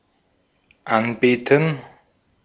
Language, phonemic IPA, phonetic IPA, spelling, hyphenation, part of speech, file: German, /ˈanˌbeːtən/, [ˈʔanˌbeːtn̩], anbeten, an‧be‧ten, verb, De-at-anbeten.ogg
- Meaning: to worship, to adore